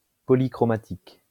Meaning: polychromatic (all senses)
- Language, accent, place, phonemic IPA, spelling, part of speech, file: French, France, Lyon, /pɔ.li.kʁɔ.ma.tik/, polychromatique, adjective, LL-Q150 (fra)-polychromatique.wav